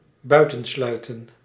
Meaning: 1. to shut out, to lock out 2. to exclude, to shun
- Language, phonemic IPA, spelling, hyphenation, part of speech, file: Dutch, /ˈbœy̯tə(n)ˌslœy̯tə(n)/, buitensluiten, bui‧ten‧slui‧ten, verb, Nl-buitensluiten.ogg